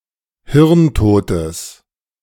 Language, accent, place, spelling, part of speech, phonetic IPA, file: German, Germany, Berlin, hirntotes, adjective, [ˈhɪʁnˌtoːtəs], De-hirntotes.ogg
- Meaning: strong/mixed nominative/accusative neuter singular of hirntot